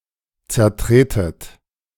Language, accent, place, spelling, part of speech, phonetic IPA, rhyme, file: German, Germany, Berlin, zertretet, verb, [t͡sɛɐ̯ˈtʁeːtət], -eːtət, De-zertretet.ogg
- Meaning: inflection of zertreten: 1. second-person plural present 2. second-person plural subjunctive I 3. plural imperative